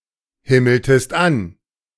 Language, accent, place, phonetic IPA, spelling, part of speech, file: German, Germany, Berlin, [ˌhɪml̩təst ˈan], himmeltest an, verb, De-himmeltest an.ogg
- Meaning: inflection of anhimmeln: 1. second-person singular preterite 2. second-person singular subjunctive II